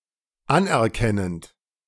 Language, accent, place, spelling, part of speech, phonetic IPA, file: German, Germany, Berlin, anerkennend, verb, [ˈanʔɛɐ̯ˌkɛnənt], De-anerkennend.ogg
- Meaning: present participle of anerkennen